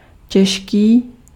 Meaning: 1. heavy 2. hard (difficult)
- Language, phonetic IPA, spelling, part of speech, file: Czech, [ˈcɛʃkiː], těžký, adjective, Cs-těžký.ogg